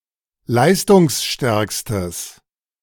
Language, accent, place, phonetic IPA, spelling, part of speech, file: German, Germany, Berlin, [ˈlaɪ̯stʊŋsˌʃtɛʁkstəs], leistungsstärkstes, adjective, De-leistungsstärkstes.ogg
- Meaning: strong/mixed nominative/accusative neuter singular superlative degree of leistungsstark